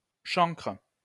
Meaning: 1. lobster, crab 2. canker, chancre
- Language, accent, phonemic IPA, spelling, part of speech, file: French, France, /ʃɑ̃kʁ/, chancre, noun, LL-Q150 (fra)-chancre.wav